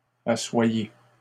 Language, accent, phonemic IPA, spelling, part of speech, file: French, Canada, /a.swa.je/, assoyez, verb, LL-Q150 (fra)-assoyez.wav
- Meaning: inflection of asseoir: 1. second-person plural present indicative 2. second-person plural imperative